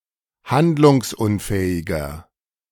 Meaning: 1. comparative degree of handlungsunfähig 2. inflection of handlungsunfähig: strong/mixed nominative masculine singular 3. inflection of handlungsunfähig: strong genitive/dative feminine singular
- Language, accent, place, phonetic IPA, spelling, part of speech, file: German, Germany, Berlin, [ˈhandlʊŋsˌʔʊnfɛːɪɡɐ], handlungsunfähiger, adjective, De-handlungsunfähiger.ogg